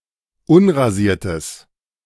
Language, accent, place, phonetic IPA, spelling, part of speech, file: German, Germany, Berlin, [ˈʊnʁaˌziːɐ̯təs], unrasiertes, adjective, De-unrasiertes.ogg
- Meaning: strong/mixed nominative/accusative neuter singular of unrasiert